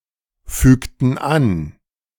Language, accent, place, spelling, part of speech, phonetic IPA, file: German, Germany, Berlin, fügten an, verb, [ˌfyːktn̩ ˈan], De-fügten an.ogg
- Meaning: inflection of anfügen: 1. first/third-person plural preterite 2. first/third-person plural subjunctive II